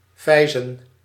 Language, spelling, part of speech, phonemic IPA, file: Dutch, vijzen, verb, /ˈvɛi̯.zə(n)/, Nl-vijzen.ogg
- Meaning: to screw or unscrew (turn a screw)